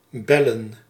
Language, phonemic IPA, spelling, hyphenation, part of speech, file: Dutch, /ˈbɛlə(n)/, bellen, bel‧len, verb / noun, Nl-bellen.ogg
- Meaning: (verb) 1. to ring, like using a bell 2. to call, by bell (originally) or (now mostly) telephone; to dial 3. (intransitive) to bark, like a canine 4. (transitive) to bark, scold, insult, rage at